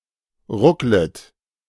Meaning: second-person plural subjunctive I of ruckeln
- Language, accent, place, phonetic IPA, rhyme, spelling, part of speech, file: German, Germany, Berlin, [ˈʁʊklət], -ʊklət, rucklet, verb, De-rucklet.ogg